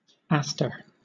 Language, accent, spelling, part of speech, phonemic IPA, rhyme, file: English, Southern England, aster, noun, /ˈæs.tə(ɹ)/, -æstə(ɹ), LL-Q1860 (eng)-aster.wav
- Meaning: 1. Any of several plants of the genus Aster; one of its flowers 2. A star-shaped structure formed during the mitosis of a cell 3. A star